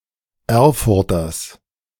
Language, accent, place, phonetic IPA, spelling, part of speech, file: German, Germany, Berlin, [ˈɛʁfʊʁtɐs], Erfurters, noun, De-Erfurters.ogg
- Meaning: genitive of Erfurter